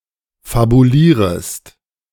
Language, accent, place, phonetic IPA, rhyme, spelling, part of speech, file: German, Germany, Berlin, [fabuˈliːʁəst], -iːʁəst, fabulierest, verb, De-fabulierest.ogg
- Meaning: second-person singular subjunctive I of fabulieren